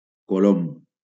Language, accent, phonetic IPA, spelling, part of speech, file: Catalan, Valencia, [koˈlom], colom, noun, LL-Q7026 (cat)-colom.wav
- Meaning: dove, pigeon